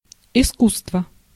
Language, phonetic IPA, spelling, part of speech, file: Russian, [ɪˈskus(ː)tvə], искусство, noun, Ru-искусство.ogg
- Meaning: 1. art 2. skill, craftsmanship, craft